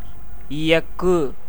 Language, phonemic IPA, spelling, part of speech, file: Tamil, /ɪjɐkːɯ/, இயக்கு, verb / noun, Ta-இயக்கு.ogg
- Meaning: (verb) 1. to operate 2. to cause to go 3. to actuate and influence the movements of (something), as God prompts all living beings 4. to train or break in, as a bull or a horse 5. to cause to sound